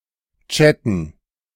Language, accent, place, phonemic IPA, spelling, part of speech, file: German, Germany, Berlin, /ˈtʃɛtn̩/, chatten, verb, De-chatten.ogg
- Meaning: to chat